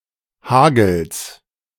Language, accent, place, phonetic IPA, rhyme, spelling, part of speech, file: German, Germany, Berlin, [ˈhaːɡl̩s], -aːɡl̩s, Hagels, noun, De-Hagels.ogg
- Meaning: genitive singular of Hagel